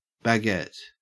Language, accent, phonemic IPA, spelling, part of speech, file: English, Australia, /bæˈɡɛt/, baguette, noun, En-au-baguette.ogg
- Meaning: 1. A narrow, relatively long rectangular shape 2. A gem cut in such a shape 3. A variety of bread that is long and narrow in shape 4. A small molding, like the astragal, but smaller; a bead